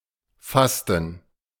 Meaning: fasting
- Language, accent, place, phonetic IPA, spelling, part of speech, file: German, Germany, Berlin, [ˈfastn̩], Fasten, noun, De-Fasten.ogg